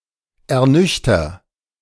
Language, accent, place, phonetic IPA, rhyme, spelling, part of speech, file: German, Germany, Berlin, [ɛɐ̯ˈnʏçtɐ], -ʏçtɐ, ernüchter, verb, De-ernüchter.ogg
- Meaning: inflection of ernüchtern: 1. first-person singular present 2. singular imperative